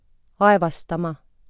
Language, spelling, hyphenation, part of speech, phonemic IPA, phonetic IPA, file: Estonian, aevastama, ae‧vas‧ta‧ma, verb, /ˈɑe̯vɑstɑmɑ/, [ˈɑe̯vɑsˌtɑmɑ], Et-aevastama.ogg
- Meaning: 1. to sneeze 2. to sneeze: To spout air through the nose (and the mouth) due to an irritation of the nasal mucosa